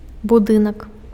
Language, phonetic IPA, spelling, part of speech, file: Belarusian, [buˈdɨnak], будынак, noun, Be-будынак.ogg
- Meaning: building